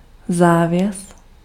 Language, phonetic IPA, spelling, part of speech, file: Czech, [ˈzaːvjɛs], závěs, noun, Cs-závěs.ogg
- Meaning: nontransparent piece of cloth covering a window, bed, etc. to offer privacy and keep out light; curtain; drape